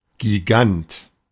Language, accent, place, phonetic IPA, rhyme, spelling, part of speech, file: German, Germany, Berlin, [ɡiˈɡant], -ant, Gigant, noun, De-Gigant.ogg
- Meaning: giant